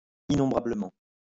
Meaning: innumerably
- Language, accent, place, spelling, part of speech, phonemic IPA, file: French, France, Lyon, innombrablement, adverb, /i.nɔ̃.bʁa.blə.mɑ̃/, LL-Q150 (fra)-innombrablement.wav